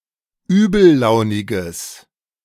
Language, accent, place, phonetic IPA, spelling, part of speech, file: German, Germany, Berlin, [ˈyːbl̩ˌlaʊ̯nɪɡəs], übellauniges, adjective, De-übellauniges.ogg
- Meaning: strong/mixed nominative/accusative neuter singular of übellaunig